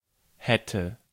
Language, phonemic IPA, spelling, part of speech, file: German, /ˈhɛtə/, hätte, verb, De-hätte.ogg
- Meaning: first/third-person singular subjunctive II of haben